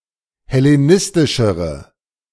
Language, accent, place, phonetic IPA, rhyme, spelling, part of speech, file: German, Germany, Berlin, [hɛleˈnɪstɪʃəʁə], -ɪstɪʃəʁə, hellenistischere, adjective, De-hellenistischere.ogg
- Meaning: inflection of hellenistisch: 1. strong/mixed nominative/accusative feminine singular comparative degree 2. strong nominative/accusative plural comparative degree